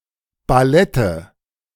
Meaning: nominative/accusative/genitive plural of Ballett
- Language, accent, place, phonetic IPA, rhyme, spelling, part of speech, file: German, Germany, Berlin, [baˈlɛtə], -ɛtə, Ballette, noun, De-Ballette.ogg